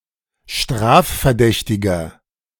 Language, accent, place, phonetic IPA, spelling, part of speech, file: German, Germany, Berlin, [ˈʃtʁaːffɛɐ̯ˌdɛçtɪɡɐ], strafverdächtiger, adjective, De-strafverdächtiger.ogg
- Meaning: inflection of strafverdächtig: 1. strong/mixed nominative masculine singular 2. strong genitive/dative feminine singular 3. strong genitive plural